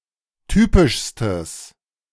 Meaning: strong/mixed nominative/accusative neuter singular superlative degree of typisch
- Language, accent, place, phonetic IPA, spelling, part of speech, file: German, Germany, Berlin, [ˈtyːpɪʃstəs], typischstes, adjective, De-typischstes.ogg